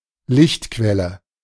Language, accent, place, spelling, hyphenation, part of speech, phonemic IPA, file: German, Germany, Berlin, Lichtquelle, Licht‧quel‧le, noun, /ˈlɪçtˌkvɛlə/, De-Lichtquelle.ogg
- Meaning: A source of light